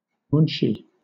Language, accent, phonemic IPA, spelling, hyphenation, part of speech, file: English, Southern England, /ˈmuːnʃiː/, munshi, mun‧shi, noun, LL-Q1860 (eng)-munshi.wav
- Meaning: 1. A clerk or secretary 2. A language teacher, especially one teaching Hindustani or Persian